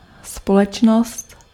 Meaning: 1. society (people of one’s country or community as a whole) 2. company, corporation 3. company (social visitors)
- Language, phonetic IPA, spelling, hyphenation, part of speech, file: Czech, [ˈspolɛt͡ʃnost], společnost, spo‧leč‧nost, noun, Cs-společnost.ogg